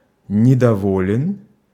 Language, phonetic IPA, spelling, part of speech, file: Russian, [nʲɪdɐˈvolʲɪn], недоволен, adjective, Ru-недоволен.ogg
- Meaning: short masculine singular of недово́льный (nedovólʹnyj)